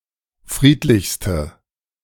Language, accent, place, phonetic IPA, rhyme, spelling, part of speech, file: German, Germany, Berlin, [ˈfʁiːtlɪçstə], -iːtlɪçstə, friedlichste, adjective, De-friedlichste.ogg
- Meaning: inflection of friedlich: 1. strong/mixed nominative/accusative feminine singular superlative degree 2. strong nominative/accusative plural superlative degree